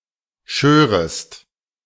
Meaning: second-person singular subjunctive II of scheren
- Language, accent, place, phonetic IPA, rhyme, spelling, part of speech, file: German, Germany, Berlin, [ˈʃøːʁəst], -øːʁəst, schörest, verb, De-schörest.ogg